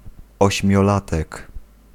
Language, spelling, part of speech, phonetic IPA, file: Polish, ośmiolatek, noun, [ˌɔɕmʲjɔˈlatɛk], Pl-ośmiolatek.ogg